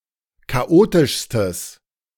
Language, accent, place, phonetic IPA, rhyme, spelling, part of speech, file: German, Germany, Berlin, [kaˈʔoːtɪʃstəs], -oːtɪʃstəs, chaotischstes, adjective, De-chaotischstes.ogg
- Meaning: strong/mixed nominative/accusative neuter singular superlative degree of chaotisch